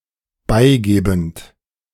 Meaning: present participle of beigeben
- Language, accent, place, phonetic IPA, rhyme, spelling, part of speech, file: German, Germany, Berlin, [ˈbaɪ̯ˌɡeːbn̩t], -aɪ̯ɡeːbn̩t, beigebend, verb, De-beigebend.ogg